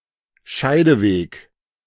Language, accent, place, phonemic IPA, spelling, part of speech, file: German, Germany, Berlin, /ˈʃaɪ̯dəˌveːk/, Scheideweg, noun, De-Scheideweg.ogg
- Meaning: crossroads (decisive turning point)